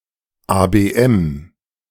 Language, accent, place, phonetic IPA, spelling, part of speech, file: German, Germany, Berlin, [aːbeːˈʔɛm], ABM, abbreviation, De-ABM.ogg
- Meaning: abbreviation of Arbeitsbeschaffungsmaßnahme f